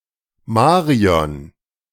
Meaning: a female given name
- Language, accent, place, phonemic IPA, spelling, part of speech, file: German, Germany, Berlin, /ˈmaːʁi̯ɔn/, Marion, proper noun, De-Marion.ogg